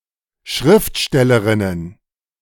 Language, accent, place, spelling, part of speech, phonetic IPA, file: German, Germany, Berlin, Schriftstellerinnen, noun, [ˈʃʁɪftˌʃtɛləˌʁɪnən], De-Schriftstellerinnen.ogg
- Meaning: plural of Schriftstellerin